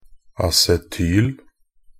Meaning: acetyl (the univalent radical CH₃CO- derived from acetic acid)
- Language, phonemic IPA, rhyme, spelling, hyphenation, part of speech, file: Norwegian Bokmål, /asɛˈtyːl/, -yːl, acetyl, a‧ce‧tyl, noun, Nb-acetyl.ogg